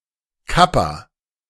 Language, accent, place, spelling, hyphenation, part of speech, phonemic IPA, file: German, Germany, Berlin, Kappa, Kap‧pa, noun, /ˈkapa/, De-Kappa.ogg
- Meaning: 1. kappa (Greek letter) 2. clipping of Kapazität